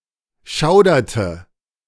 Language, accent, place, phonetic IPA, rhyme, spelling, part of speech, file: German, Germany, Berlin, [ˈʃaʊ̯dɐtə], -aʊ̯dɐtə, schauderte, verb, De-schauderte.ogg
- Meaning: inflection of schaudern: 1. first/third-person singular preterite 2. first/third-person singular subjunctive II